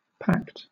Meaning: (noun) 1. An agreement; a compact; a covenant 2. An agreement between two or more nations 3. An alliance or coalition; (verb) To form a pact; to agree formally
- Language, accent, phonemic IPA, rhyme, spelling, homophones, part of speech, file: English, Southern England, /pækt/, -ækt, pact, packed, noun / verb, LL-Q1860 (eng)-pact.wav